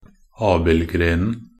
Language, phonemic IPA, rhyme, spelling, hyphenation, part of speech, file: Norwegian Bokmål, /ˈɑːbɪlɡreːnn̩/, -eːnn̩, abildgrenen, ab‧ild‧gren‧en, noun, Nb-abildgrenen.ogg
- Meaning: definite masculine singular of abildgren